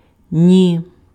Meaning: 1. no 2. not a single, not even (a) 3. neither, nor
- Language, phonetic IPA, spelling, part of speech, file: Ukrainian, [nʲi], ні, adverb, Uk-ні.ogg